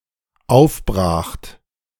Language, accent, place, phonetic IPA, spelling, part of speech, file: German, Germany, Berlin, [ˈaʊ̯fˌbʁaːxt], aufbracht, verb, De-aufbracht.ogg
- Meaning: second-person plural dependent preterite of aufbrechen